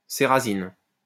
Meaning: 1. cerasin 2. ozocerite
- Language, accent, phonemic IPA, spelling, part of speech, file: French, France, /se.ʁa.zin/, cérasine, noun, LL-Q150 (fra)-cérasine.wav